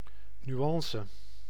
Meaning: 1. nuance (minor distinction) 2. nuance (subtlety or fine detail)
- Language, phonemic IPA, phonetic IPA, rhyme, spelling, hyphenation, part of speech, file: Dutch, /nyˈɑn.sə/, [nyˈɑ̃.sə], -ɑnsə, nuance, nu‧an‧ce, noun, Nl-nuance.ogg